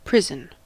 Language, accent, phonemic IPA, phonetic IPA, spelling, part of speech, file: English, US, /ˈpɹɪzn̩/, [pʰɹ̠̊ɪzn̩], prison, noun / verb, En-us-prison.ogg